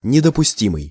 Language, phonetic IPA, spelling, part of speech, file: Russian, [nʲɪdəpʊˈsʲtʲimɨj], недопустимый, adjective, Ru-недопустимый.ogg
- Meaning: inadmissible, intolerable